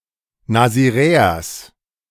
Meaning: genitive singular of Nasiräer
- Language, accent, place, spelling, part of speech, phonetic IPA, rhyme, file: German, Germany, Berlin, Nasiräers, noun, [naziˈʁɛːɐs], -ɛːɐs, De-Nasiräers.ogg